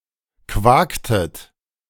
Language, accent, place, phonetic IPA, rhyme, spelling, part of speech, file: German, Germany, Berlin, [ˈkvaːktət], -aːktət, quaktet, verb, De-quaktet.ogg
- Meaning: inflection of quaken: 1. second-person plural preterite 2. second-person plural subjunctive II